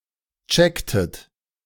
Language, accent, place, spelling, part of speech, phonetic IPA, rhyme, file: German, Germany, Berlin, checktet, verb, [ˈt͡ʃɛktət], -ɛktət, De-checktet.ogg
- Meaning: inflection of checken: 1. second-person plural preterite 2. second-person plural subjunctive II